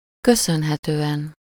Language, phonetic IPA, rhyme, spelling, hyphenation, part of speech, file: Hungarian, [ˈkøsønɦɛtøːɛn], -ɛn, köszönhetően, kö‧szön‧he‧tő‧en, postposition, Hu-köszönhetően.ogg
- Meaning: due to, thanks to (to someone or something: -nak/-nek)